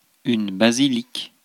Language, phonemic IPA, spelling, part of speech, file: French, /ba.zi.lik/, basilique, noun, Fr-basilique.ogg
- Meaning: 1. covered building, Civil reunion place open to the public 2. a Christian church building having a nave with a semicircular apse, side aisles, a narthex and a clerestory